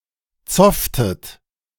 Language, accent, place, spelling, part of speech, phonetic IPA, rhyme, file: German, Germany, Berlin, zofftet, verb, [ˈt͡sɔftət], -ɔftət, De-zofftet.ogg
- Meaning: inflection of zoffen: 1. second-person plural preterite 2. second-person plural subjunctive II